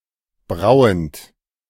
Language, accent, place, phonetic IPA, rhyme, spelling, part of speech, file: German, Germany, Berlin, [ˈbʁaʊ̯ənt], -aʊ̯ənt, brauend, verb, De-brauend.ogg
- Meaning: present participle of brauen